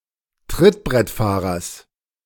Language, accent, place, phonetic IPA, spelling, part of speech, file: German, Germany, Berlin, [ˈtʁɪtbʁɛtˌfaːʁɐs], Trittbrettfahrers, noun, De-Trittbrettfahrers.ogg
- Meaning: genitive singular of Trittbrettfahrer